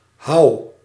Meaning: inflection of houwen: 1. first-person singular present indicative 2. second-person singular present indicative 3. imperative
- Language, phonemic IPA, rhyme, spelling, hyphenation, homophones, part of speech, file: Dutch, /ɦɑu̯/, -ɑu̯, houw, houw, hau / Houw, verb, Nl-houw.ogg